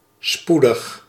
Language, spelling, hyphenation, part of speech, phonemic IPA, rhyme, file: Dutch, spoedig, spoe‧dig, adjective / adverb, /ˈspu.dəx/, -udəx, Nl-spoedig.ogg
- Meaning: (adjective) 1. imminent, arriving or occurring soon, soon 2. speedy; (adverb) soon